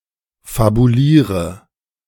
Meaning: inflection of fabulieren: 1. first-person singular present 2. first/third-person singular subjunctive I 3. singular imperative
- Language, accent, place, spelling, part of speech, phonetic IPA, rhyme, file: German, Germany, Berlin, fabuliere, verb, [fabuˈliːʁə], -iːʁə, De-fabuliere.ogg